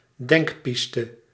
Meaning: 1. hypothesis, hypothetical explanation 2. proposal, plan
- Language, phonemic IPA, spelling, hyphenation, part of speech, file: Dutch, /ˈdɛŋkˌpis.tə/, denkpiste, denk‧pis‧te, noun, Nl-denkpiste.ogg